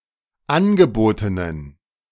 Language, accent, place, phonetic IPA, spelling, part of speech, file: German, Germany, Berlin, [ˈanɡəˌboːtənən], angebotenen, adjective, De-angebotenen.ogg
- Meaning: inflection of angeboten: 1. strong genitive masculine/neuter singular 2. weak/mixed genitive/dative all-gender singular 3. strong/weak/mixed accusative masculine singular 4. strong dative plural